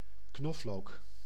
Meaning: garlic (Allium sativum: the plant or its bulb, used in cooking)
- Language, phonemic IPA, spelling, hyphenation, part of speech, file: Dutch, /ˈknɔf.loːk/, knoflook, knof‧look, noun, Nl-knoflook.ogg